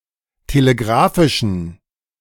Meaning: inflection of telegrafisch: 1. strong genitive masculine/neuter singular 2. weak/mixed genitive/dative all-gender singular 3. strong/weak/mixed accusative masculine singular 4. strong dative plural
- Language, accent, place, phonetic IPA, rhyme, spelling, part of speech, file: German, Germany, Berlin, [teleˈɡʁaːfɪʃn̩], -aːfɪʃn̩, telegrafischen, adjective, De-telegrafischen.ogg